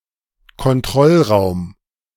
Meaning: control room
- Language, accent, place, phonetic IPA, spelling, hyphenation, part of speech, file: German, Germany, Berlin, [kɔnˈtʁɔlˌʁaʊ̯m], Kontrollraum, Kont‧roll‧raum, noun, De-Kontrollraum.ogg